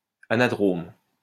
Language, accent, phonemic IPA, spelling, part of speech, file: French, France, /a.na.dʁom/, anadrome, adjective, LL-Q150 (fra)-anadrome.wav
- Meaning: anadromous (of migratory fish)